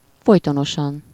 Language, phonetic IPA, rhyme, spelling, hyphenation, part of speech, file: Hungarian, [ˈfojtonoʃɒn], -ɒn, folytonosan, foly‧to‧no‧san, adverb, Hu-folytonosan.ogg
- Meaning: continuously, constantly